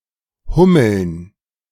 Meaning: plural of Hummel
- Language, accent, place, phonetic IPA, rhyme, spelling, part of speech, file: German, Germany, Berlin, [ˈhʊml̩n], -ʊml̩n, Hummeln, noun, De-Hummeln.ogg